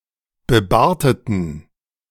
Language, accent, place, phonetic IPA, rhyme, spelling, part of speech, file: German, Germany, Berlin, [bəˈbaːɐ̯tətn̩], -aːɐ̯tətn̩, bebarteten, adjective, De-bebarteten.ogg
- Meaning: inflection of bebartet: 1. strong genitive masculine/neuter singular 2. weak/mixed genitive/dative all-gender singular 3. strong/weak/mixed accusative masculine singular 4. strong dative plural